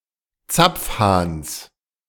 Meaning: genitive singular of Zapfhahn
- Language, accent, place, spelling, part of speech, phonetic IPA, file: German, Germany, Berlin, Zapfhahns, noun, [ˈt͡sap͡fˌhaːns], De-Zapfhahns.ogg